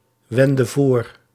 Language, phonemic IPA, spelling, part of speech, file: Dutch, /ˈwɛndə ˈvor/, wendde voor, verb, Nl-wendde voor.ogg
- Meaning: inflection of voorwenden: 1. singular past indicative 2. singular past subjunctive